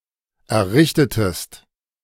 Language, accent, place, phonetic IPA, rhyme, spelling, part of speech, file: German, Germany, Berlin, [ɛɐ̯ˈʁɪçtətəst], -ɪçtətəst, errichtetest, verb, De-errichtetest.ogg
- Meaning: inflection of errichten: 1. second-person singular preterite 2. second-person singular subjunctive II